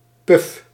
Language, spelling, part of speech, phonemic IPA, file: Dutch, puf, noun / verb, /pʏf/, Nl-puf.ogg
- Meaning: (noun) 1. wish; desire 2. a flatus, a fart; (verb) inflection of puffen: 1. first-person singular present indicative 2. second-person singular present indicative 3. imperative